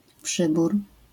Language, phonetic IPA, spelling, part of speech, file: Polish, [ˈpʃɨbur], przybór, noun, LL-Q809 (pol)-przybór.wav